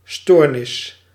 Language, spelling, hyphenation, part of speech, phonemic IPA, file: Dutch, stoornis, stoor‧nis, noun, /ˈstoːrnɪs/, Nl-stoornis.ogg
- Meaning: disorder